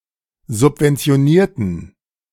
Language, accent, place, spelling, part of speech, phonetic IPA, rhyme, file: German, Germany, Berlin, subventionierten, adjective / verb, [zʊpvɛnt͡si̯oˈniːɐ̯tn̩], -iːɐ̯tn̩, De-subventionierten.ogg
- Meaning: inflection of subventionieren: 1. first/third-person plural preterite 2. first/third-person plural subjunctive II